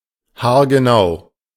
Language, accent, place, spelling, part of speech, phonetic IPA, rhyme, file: German, Germany, Berlin, haargenau, adjective, [haːɐ̯ɡəˈnaʊ̯], -aʊ̯, De-haargenau.ogg
- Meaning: 1. meticulous 2. very exact